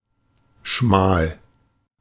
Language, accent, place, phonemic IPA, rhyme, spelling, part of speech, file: German, Germany, Berlin, /ʃmaːl/, -aːl, schmal, adjective, De-schmal.ogg
- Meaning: 1. narrow, slender (not wide, comparatively long), small 2. meagre, scarce